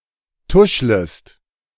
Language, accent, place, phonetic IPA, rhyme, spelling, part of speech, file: German, Germany, Berlin, [ˈtʊʃləst], -ʊʃləst, tuschlest, verb, De-tuschlest.ogg
- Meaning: second-person singular subjunctive I of tuscheln